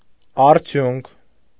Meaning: result; outcome; product
- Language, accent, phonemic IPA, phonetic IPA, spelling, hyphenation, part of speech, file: Armenian, Eastern Armenian, /ɑɾˈtʰjunkʰ/, [ɑɾtʰjúŋkʰ], արդյունք, ար‧դյունք, noun, Hy-արդյունք.ogg